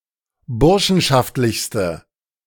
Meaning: inflection of burschenschaftlich: 1. strong/mixed nominative/accusative feminine singular superlative degree 2. strong nominative/accusative plural superlative degree
- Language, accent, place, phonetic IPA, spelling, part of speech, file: German, Germany, Berlin, [ˈbʊʁʃn̩ʃaftlɪçstə], burschenschaftlichste, adjective, De-burschenschaftlichste.ogg